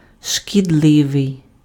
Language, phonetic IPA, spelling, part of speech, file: Ukrainian, [ʃkʲidˈɫɪʋei̯], шкідливий, adjective, Uk-шкідливий.ogg
- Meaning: 1. harmful, deleterious, detrimental 2. unhealthy